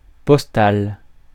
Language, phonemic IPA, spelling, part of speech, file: French, /pɔs.tal/, postal, adjective, Fr-postal.ogg
- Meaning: postal